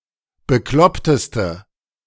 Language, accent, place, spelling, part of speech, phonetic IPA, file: German, Germany, Berlin, bekloppteste, adjective, [bəˈklɔptəstə], De-bekloppteste.ogg
- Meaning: inflection of bekloppt: 1. strong/mixed nominative/accusative feminine singular superlative degree 2. strong nominative/accusative plural superlative degree